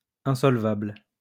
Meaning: insolvent
- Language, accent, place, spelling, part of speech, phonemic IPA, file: French, France, Lyon, insolvable, adjective, /ɛ̃.sɔl.vabl/, LL-Q150 (fra)-insolvable.wav